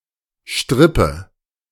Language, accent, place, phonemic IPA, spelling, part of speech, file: German, Germany, Berlin, /ˈʃtʁɪpə/, Strippe, noun, De-Strippe.ogg
- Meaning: 1. string, cord 2. a short string for pulling, as in a marionette or a jumping jack toy 3. wire, cable, line 4. telephone connection